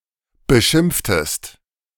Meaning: inflection of beschimpfen: 1. second-person singular preterite 2. second-person singular subjunctive II
- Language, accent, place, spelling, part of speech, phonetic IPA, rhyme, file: German, Germany, Berlin, beschimpftest, verb, [bəˈʃɪmp͡ftəst], -ɪmp͡ftəst, De-beschimpftest.ogg